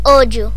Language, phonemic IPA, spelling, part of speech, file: Galician, /ˈoʎʊ/, ollo, noun / interjection, Gl-ollo.ogg
- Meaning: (noun) 1. eye 2. eye (of cheese, bread) 3. eye (of a tool, of a millstone) 4. eye (of a needle) 5. potato eye 6. pool 7. spring, source; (interjection) watch out!; beware!